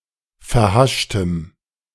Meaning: strong dative masculine/neuter singular of verhascht
- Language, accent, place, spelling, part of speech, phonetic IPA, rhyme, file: German, Germany, Berlin, verhaschtem, adjective, [fɛɐ̯ˈhaʃtəm], -aʃtəm, De-verhaschtem.ogg